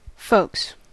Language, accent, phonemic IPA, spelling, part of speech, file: English, US, /foʊks/, folks, noun, En-us-folks.ogg
- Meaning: 1. The members of one's immediate family, especially one's parents 2. People in general; everybody or anybody 3. The police 4. plural of folk